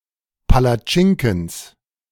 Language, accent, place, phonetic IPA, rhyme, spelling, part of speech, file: German, Germany, Berlin, [palaˈt͡ʃɪŋkn̩s], -ɪŋkn̩s, Palatschinkens, noun, De-Palatschinkens.ogg
- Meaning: genitive singular of Palatschinken